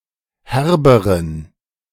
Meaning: inflection of herb: 1. strong genitive masculine/neuter singular comparative degree 2. weak/mixed genitive/dative all-gender singular comparative degree
- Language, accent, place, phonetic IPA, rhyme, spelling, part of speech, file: German, Germany, Berlin, [ˈhɛʁbəʁən], -ɛʁbəʁən, herberen, adjective, De-herberen.ogg